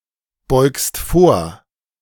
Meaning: second-person singular present of vorbeugen
- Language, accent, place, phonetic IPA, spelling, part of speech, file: German, Germany, Berlin, [ˌbɔɪ̯kst ˈfoːɐ̯], beugst vor, verb, De-beugst vor.ogg